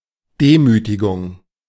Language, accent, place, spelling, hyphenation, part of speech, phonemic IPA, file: German, Germany, Berlin, Demütigung, De‧mü‧ti‧gung, noun, /ˈdeːmytiɡʊŋ/, De-Demütigung.ogg
- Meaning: humiliation